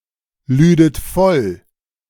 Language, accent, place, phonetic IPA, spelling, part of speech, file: German, Germany, Berlin, [ˌlyːdət ˈfɔl], lüdet voll, verb, De-lüdet voll.ogg
- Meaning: second-person plural subjunctive II of vollladen